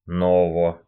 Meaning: short neuter singular of но́вый (nóvyj, “new”)
- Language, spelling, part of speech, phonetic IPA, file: Russian, ново, adjective, [ˈnovə], Ru-но́во.ogg